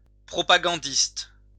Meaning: propagandist
- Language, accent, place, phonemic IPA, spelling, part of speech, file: French, France, Lyon, /pʁɔ.pa.ɡɑ̃.dist/, propagandiste, noun, LL-Q150 (fra)-propagandiste.wav